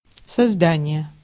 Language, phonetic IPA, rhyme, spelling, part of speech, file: Russian, [sɐzˈdanʲɪje], -anʲɪje, создание, noun, Ru-создание.ogg
- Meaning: 1. creation (act of creation) 2. creature